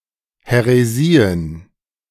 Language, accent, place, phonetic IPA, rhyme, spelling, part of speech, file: German, Germany, Berlin, [hɛʁeˈziːən], -iːən, Häresien, noun, De-Häresien.ogg
- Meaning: plural of Häresie